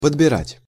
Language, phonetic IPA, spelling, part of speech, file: Russian, [pədbʲɪˈratʲ], подбирать, verb, Ru-подбирать.ogg
- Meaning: 1. to pick up 2. to sort out, to select, to glean